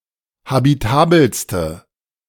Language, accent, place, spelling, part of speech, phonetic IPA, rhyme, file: German, Germany, Berlin, habitabelste, adjective, [habiˈtaːbl̩stə], -aːbl̩stə, De-habitabelste.ogg
- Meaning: inflection of habitabel: 1. strong/mixed nominative/accusative feminine singular superlative degree 2. strong nominative/accusative plural superlative degree